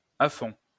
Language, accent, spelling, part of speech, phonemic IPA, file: French, France, à fond, adverb, /a fɔ̃/, LL-Q150 (fra)-à fond.wav
- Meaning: 1. right to the bottom 2. all the way: totally; completely; entirely, throughout